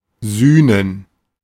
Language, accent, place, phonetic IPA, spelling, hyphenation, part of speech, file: German, Germany, Berlin, [ˈzyːnən], sühnen, süh‧nen, verb, De-sühnen.ogg
- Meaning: to atone